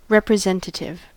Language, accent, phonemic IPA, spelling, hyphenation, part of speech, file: English, US, /ˌɹɛpɹɪˈzɛnt(ət)ɪv/, representative, rep‧re‧sen‧ta‧tive, adjective / noun, En-us-representative.ogg
- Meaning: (adjective) 1. Typical; having the same properties or interest as a larger group 2. Representing, showing a likeness